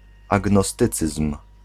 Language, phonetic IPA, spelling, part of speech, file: Polish, [ˌaɡnɔˈstɨt͡sɨsm̥], agnostycyzm, noun, Pl-agnostycyzm.ogg